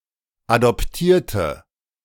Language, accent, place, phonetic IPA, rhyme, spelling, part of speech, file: German, Germany, Berlin, [adɔpˈtiːɐ̯tə], -iːɐ̯tə, adoptierte, adjective / verb, De-adoptierte.ogg
- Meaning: inflection of adoptieren: 1. first/third-person singular preterite 2. first/third-person singular subjunctive II